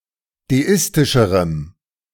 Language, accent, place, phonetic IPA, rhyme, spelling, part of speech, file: German, Germany, Berlin, [deˈɪstɪʃəʁəm], -ɪstɪʃəʁəm, deistischerem, adjective, De-deistischerem.ogg
- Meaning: strong dative masculine/neuter singular comparative degree of deistisch